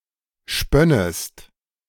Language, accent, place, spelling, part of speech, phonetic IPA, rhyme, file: German, Germany, Berlin, spönnest, verb, [ˈʃpœnəst], -œnəst, De-spönnest.ogg
- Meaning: second-person singular subjunctive II of spinnen